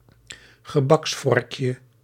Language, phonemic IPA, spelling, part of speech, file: Dutch, /ɣəˈbɑksfɔrᵊkjə/, gebaksvorkje, noun, Nl-gebaksvorkje.ogg
- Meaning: diminutive of gebaksvork